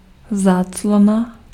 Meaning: net curtain (a thin curtain that allows light into a room but prevents people outside from seeing inside)
- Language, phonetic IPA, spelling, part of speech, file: Czech, [ˈzaːt͡slona], záclona, noun, Cs-záclona.ogg